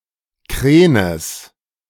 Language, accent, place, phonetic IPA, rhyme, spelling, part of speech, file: German, Germany, Berlin, [ˈkʁeːnəs], -eːnəs, Krenes, noun, De-Krenes.ogg
- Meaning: genitive of Kren